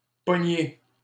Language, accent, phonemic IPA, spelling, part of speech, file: French, Canada, /pɔ.ɲe/, pogner, verb, LL-Q150 (fra)-pogner.wav
- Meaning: 1. to catch 2. to grab, to grasp 3. to seize 4. to be arrested or frozen (by a notion or emotion) 5. to surprise, to run into, to find out (someone in the act of wrongdoing, someone in hiding)